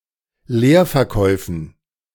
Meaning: dative plural of Leerverkauf
- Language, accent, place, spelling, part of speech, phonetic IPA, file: German, Germany, Berlin, Leerverkäufen, noun, [ˈleːɐ̯fɛɐ̯ˌkɔɪ̯fn̩], De-Leerverkäufen.ogg